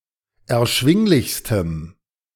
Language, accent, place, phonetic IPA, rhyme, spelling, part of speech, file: German, Germany, Berlin, [ɛɐ̯ˈʃvɪŋlɪçstəm], -ɪŋlɪçstəm, erschwinglichstem, adjective, De-erschwinglichstem.ogg
- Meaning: strong dative masculine/neuter singular superlative degree of erschwinglich